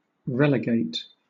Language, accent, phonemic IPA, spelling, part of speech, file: English, Southern England, /ˈɹɛlɪˌɡeɪt/, relegate, verb, LL-Q1860 (eng)-relegate.wav
- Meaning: Exile, banish, remove, or send away.: 1. Exile or banish to a particular place 2. Remove (oneself) to a distance from something or somewhere